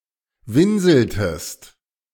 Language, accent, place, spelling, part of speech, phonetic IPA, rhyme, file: German, Germany, Berlin, winseltest, verb, [ˈvɪnzl̩təst], -ɪnzl̩təst, De-winseltest.ogg
- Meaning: inflection of winseln: 1. second-person singular preterite 2. second-person singular subjunctive II